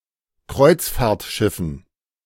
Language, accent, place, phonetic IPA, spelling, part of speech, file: German, Germany, Berlin, [ˈkʁɔɪ̯t͡sfaːɐ̯tˌʃɪfn̩], Kreuzfahrtschiffen, noun, De-Kreuzfahrtschiffen.ogg
- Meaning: dative plural of Kreuzfahrtschiff